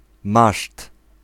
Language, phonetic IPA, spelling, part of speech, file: Polish, [maʃt], maszt, noun, Pl-maszt.ogg